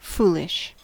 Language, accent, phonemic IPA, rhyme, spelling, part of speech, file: English, US, /ˈfuː.lɪʃ/, -uːlɪʃ, foolish, adjective, En-us-foolish.ogg
- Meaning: 1. Lacking good sense or judgement as a general trait; unwise; stupid 2. Not based on good sense or judgement; as a fool would do or conclude 3. Resembling or characteristic of a fool